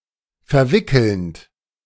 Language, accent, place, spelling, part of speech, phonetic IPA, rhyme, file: German, Germany, Berlin, verwickelnd, verb, [fɛɐ̯ˈvɪkl̩nt], -ɪkl̩nt, De-verwickelnd.ogg
- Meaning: present participle of verwickeln